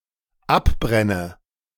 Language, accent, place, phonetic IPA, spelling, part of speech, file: German, Germany, Berlin, [ˈapˌbʁɛnə], abbrenne, verb, De-abbrenne.ogg
- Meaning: inflection of abbrennen: 1. first-person singular dependent present 2. first/third-person singular dependent subjunctive I